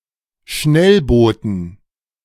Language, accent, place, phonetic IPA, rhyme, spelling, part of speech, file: German, Germany, Berlin, [ˈʃnɛlˌboːtn̩], -ɛlboːtn̩, Schnellbooten, noun, De-Schnellbooten.ogg
- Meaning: dative plural of Schnellboot